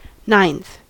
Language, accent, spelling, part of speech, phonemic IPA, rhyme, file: English, US, ninth, adjective / noun / verb, /naɪnθ/, -aɪnθ, En-us-ninth.ogg
- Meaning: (adjective) The ordinal form of the number nine; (noun) 1. The person or thing in the ninth position 2. One of nine equal parts of a whole